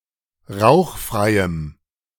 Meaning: strong dative masculine/neuter singular of rauchfrei
- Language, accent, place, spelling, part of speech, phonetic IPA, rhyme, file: German, Germany, Berlin, rauchfreiem, adjective, [ˈʁaʊ̯xˌfʁaɪ̯əm], -aʊ̯xfʁaɪ̯əm, De-rauchfreiem.ogg